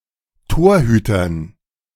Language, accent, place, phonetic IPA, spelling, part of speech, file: German, Germany, Berlin, [ˈtoːɐ̯ˌhyːtɐn], Torhütern, noun, De-Torhütern.ogg
- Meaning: dative plural of Torhüter